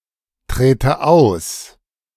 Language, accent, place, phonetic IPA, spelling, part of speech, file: German, Germany, Berlin, [ˌtʁeːtə ˈaʊ̯s], trete aus, verb, De-trete aus.ogg
- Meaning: inflection of austreten: 1. first-person singular present 2. first/third-person singular subjunctive I